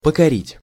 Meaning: to subdue, to conquer, to subjugate, to win (over)
- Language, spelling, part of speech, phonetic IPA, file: Russian, покорить, verb, [pəkɐˈrʲitʲ], Ru-покорить.ogg